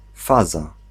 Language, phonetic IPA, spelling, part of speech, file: Polish, [ˈfaza], faza, noun, Pl-faza.ogg